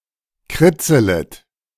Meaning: second-person plural subjunctive I of kritzeln
- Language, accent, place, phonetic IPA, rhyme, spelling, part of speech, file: German, Germany, Berlin, [ˈkʁɪt͡sələt], -ɪt͡sələt, kritzelet, verb, De-kritzelet.ogg